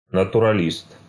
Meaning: 1. naturalist (follower of naturalism) 2. naturalist (natural scientist, one who studies nature)
- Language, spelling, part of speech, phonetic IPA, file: Russian, натуралист, noun, [nətʊrɐˈlʲist], Ru-натуралист.ogg